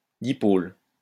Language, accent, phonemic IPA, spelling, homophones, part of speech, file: French, France, /di.pol/, dipôle, dipôles, noun, LL-Q150 (fra)-dipôle.wav
- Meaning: dipole